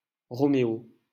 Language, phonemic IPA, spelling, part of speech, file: French, /ʁɔ.me.o/, Roméo, proper noun, LL-Q150 (fra)-Roméo.wav
- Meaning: a male given name, equivalent to English Romeo